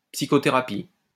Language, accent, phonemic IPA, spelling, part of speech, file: French, France, /psi.kɔ.te.ʁa.pi/, psychothérapie, noun, LL-Q150 (fra)-psychothérapie.wav
- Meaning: psychotherapy